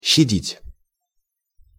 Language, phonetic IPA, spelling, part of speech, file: Russian, [ɕːɪˈdʲitʲ], щадить, verb, Ru-щадить.ogg
- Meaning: 1. to spare, to have mercy (on) 2. to take care of